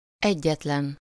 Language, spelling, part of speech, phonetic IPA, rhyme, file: Hungarian, egyetlen, adjective / noun, [ˈɛɟːɛtlɛn], -ɛn, Hu-egyetlen.ogg
- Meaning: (adjective) only, sole, single; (noun) one’s darling, sweetheart, one and only